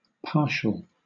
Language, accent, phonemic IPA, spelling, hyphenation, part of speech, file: English, Southern England, /ˈpɑːʃəl/, partial, par‧tial, adjective / noun / verb, LL-Q1860 (eng)-partial.wav
- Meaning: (adjective) 1. Existing as a part or portion; incomplete 2. Describing a property that holds only when an algorithm terminates